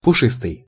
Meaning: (adjective) furry (covered with fur), fluffy, light, airy, fuzzy; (noun) mascot (person in a furry animal suit)
- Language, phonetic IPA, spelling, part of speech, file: Russian, [pʊˈʂɨstɨj], пушистый, adjective / noun, Ru-пушистый.ogg